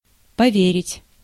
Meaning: 1. to entrust, to confide, to trust 2. to check, to verify 3. to believe, to trust 4. to believe, to have faith
- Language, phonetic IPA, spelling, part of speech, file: Russian, [pɐˈvʲerʲɪtʲ], поверить, verb, Ru-поверить.ogg